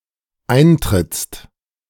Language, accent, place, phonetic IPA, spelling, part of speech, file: German, Germany, Berlin, [ˈaɪ̯ntʁɪt͡st], eintrittst, verb, De-eintrittst.ogg
- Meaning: second-person singular dependent present of eintreten